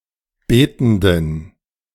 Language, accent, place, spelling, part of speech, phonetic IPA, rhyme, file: German, Germany, Berlin, betenden, adjective, [ˈbeːtn̩dən], -eːtn̩dən, De-betenden.ogg
- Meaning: inflection of betend: 1. strong genitive masculine/neuter singular 2. weak/mixed genitive/dative all-gender singular 3. strong/weak/mixed accusative masculine singular 4. strong dative plural